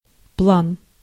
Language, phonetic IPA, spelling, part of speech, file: Russian, [pɫan], план, noun, Ru-план.ogg
- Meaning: 1. plan (set of intended actions), scheme 2. draft, plan, scheme, contrivance, road map 3. target, figure 4. plane 5. marijuana